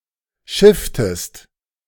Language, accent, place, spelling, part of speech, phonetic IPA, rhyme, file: German, Germany, Berlin, schifftest, verb, [ˈʃɪftəst], -ɪftəst, De-schifftest.ogg
- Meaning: inflection of schiffen: 1. second-person singular preterite 2. second-person singular subjunctive II